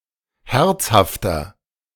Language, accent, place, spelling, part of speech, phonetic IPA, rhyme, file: German, Germany, Berlin, herzhafter, adjective, [ˈhɛʁt͡shaftɐ], -ɛʁt͡shaftɐ, De-herzhafter.ogg
- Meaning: 1. comparative degree of herzhaft 2. inflection of herzhaft: strong/mixed nominative masculine singular 3. inflection of herzhaft: strong genitive/dative feminine singular